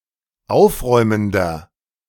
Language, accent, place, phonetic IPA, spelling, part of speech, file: German, Germany, Berlin, [ˈaʊ̯fˌʁɔɪ̯məndɐ], aufräumender, adjective, De-aufräumender.ogg
- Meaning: inflection of aufräumend: 1. strong/mixed nominative masculine singular 2. strong genitive/dative feminine singular 3. strong genitive plural